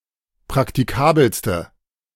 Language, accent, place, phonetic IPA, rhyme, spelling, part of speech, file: German, Germany, Berlin, [pʁaktiˈkaːbl̩stə], -aːbl̩stə, praktikabelste, adjective, De-praktikabelste.ogg
- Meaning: inflection of praktikabel: 1. strong/mixed nominative/accusative feminine singular superlative degree 2. strong nominative/accusative plural superlative degree